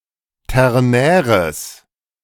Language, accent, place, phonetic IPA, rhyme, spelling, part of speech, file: German, Germany, Berlin, [ˌtɛʁˈnɛːʁəs], -ɛːʁəs, ternäres, adjective, De-ternäres.ogg
- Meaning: strong/mixed nominative/accusative neuter singular of ternär